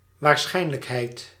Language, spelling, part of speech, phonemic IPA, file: Dutch, waarschijnlijkheid, noun, /ʋaːr.ˈsxɛi̯n.lək.ɦɛi̯t/, Nl-waarschijnlijkheid.ogg
- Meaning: probability, likelihood